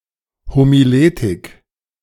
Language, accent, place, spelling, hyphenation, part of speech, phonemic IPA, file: German, Germany, Berlin, Homiletik, Ho‧mi‧le‧tik, noun, /homiˈleːtɪk/, De-Homiletik.ogg
- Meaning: homiletics